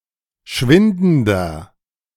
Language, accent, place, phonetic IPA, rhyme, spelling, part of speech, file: German, Germany, Berlin, [ˈʃvɪndn̩dɐ], -ɪndn̩dɐ, schwindender, adjective, De-schwindender.ogg
- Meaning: inflection of schwindend: 1. strong/mixed nominative masculine singular 2. strong genitive/dative feminine singular 3. strong genitive plural